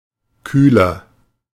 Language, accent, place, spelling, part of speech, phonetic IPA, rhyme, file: German, Germany, Berlin, kühler, adjective, [ˈkyːlɐ], -yːlɐ, De-kühler.ogg
- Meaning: 1. comparative degree of kühl 2. inflection of kühl: strong/mixed nominative masculine singular 3. inflection of kühl: strong genitive/dative feminine singular